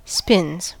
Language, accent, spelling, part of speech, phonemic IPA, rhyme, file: English, US, spins, noun / verb, /spɪnz/, -ɪnz, En-us-spins.ogg
- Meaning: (noun) 1. vertigo 2. plural of spin; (verb) third-person singular simple present indicative of spin